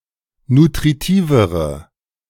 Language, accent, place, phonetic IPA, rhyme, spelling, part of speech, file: German, Germany, Berlin, [nutʁiˈtiːvəʁə], -iːvəʁə, nutritivere, adjective, De-nutritivere.ogg
- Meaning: inflection of nutritiv: 1. strong/mixed nominative/accusative feminine singular comparative degree 2. strong nominative/accusative plural comparative degree